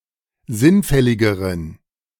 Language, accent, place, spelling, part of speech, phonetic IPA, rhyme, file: German, Germany, Berlin, sinnfälligeren, adjective, [ˈzɪnˌfɛlɪɡəʁən], -ɪnfɛlɪɡəʁən, De-sinnfälligeren.ogg
- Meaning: inflection of sinnfällig: 1. strong genitive masculine/neuter singular comparative degree 2. weak/mixed genitive/dative all-gender singular comparative degree